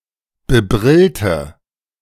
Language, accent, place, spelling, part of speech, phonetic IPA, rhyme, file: German, Germany, Berlin, bebrillte, adjective, [bəˈbʁɪltə], -ɪltə, De-bebrillte.ogg
- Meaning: inflection of bebrillt: 1. strong/mixed nominative/accusative feminine singular 2. strong nominative/accusative plural 3. weak nominative all-gender singular